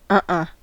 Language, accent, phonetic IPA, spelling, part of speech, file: English, US, [ˈ(ʔ)ʌ̃˧.ʔʌ̃˩], uh-uh, interjection, En-us-uh-uh.ogg
- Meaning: no